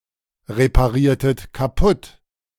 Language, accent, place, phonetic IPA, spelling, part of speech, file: German, Germany, Berlin, [ʁepaˌʁiːɐ̯tət kaˈpʊt], repariertet kaputt, verb, De-repariertet kaputt.ogg
- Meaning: inflection of kaputtreparieren: 1. second-person plural preterite 2. second-person plural subjunctive II